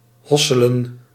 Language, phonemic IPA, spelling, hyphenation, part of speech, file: Dutch, /ˈɦɔ.sə.lə(n)/, hosselen, hos‧se‧len, verb, Nl-hosselen.ogg
- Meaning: 1. to work hard 2. to acquire something or subsist with difficulty 3. to obtain money illicitly, especially through drug dealing; to hustle